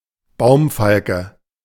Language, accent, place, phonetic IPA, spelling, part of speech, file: German, Germany, Berlin, [ˈbaʊ̯mˌfalkə], Baumfalke, noun, De-Baumfalke.ogg
- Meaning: Eurasian hobby